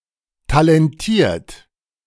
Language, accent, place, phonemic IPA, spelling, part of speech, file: German, Germany, Berlin, /talɛnˈtiːɐ̯t/, talentiert, adjective, De-talentiert.ogg
- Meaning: talented